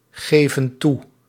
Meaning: inflection of toegeven: 1. plural present indicative 2. plural present subjunctive
- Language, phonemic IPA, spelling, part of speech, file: Dutch, /ˈɣevə(n) ˈtu/, geven toe, verb, Nl-geven toe.ogg